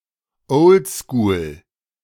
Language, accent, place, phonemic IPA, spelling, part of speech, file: German, Germany, Berlin, /ˈɔʊ̯ldskuːl/, oldschool, adjective, De-oldschool.ogg
- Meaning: old school